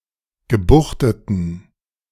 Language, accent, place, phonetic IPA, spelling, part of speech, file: German, Germany, Berlin, [ɡəˈbuxtətn̩], gebuchteten, adjective, De-gebuchteten.ogg
- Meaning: inflection of gebuchtet: 1. strong genitive masculine/neuter singular 2. weak/mixed genitive/dative all-gender singular 3. strong/weak/mixed accusative masculine singular 4. strong dative plural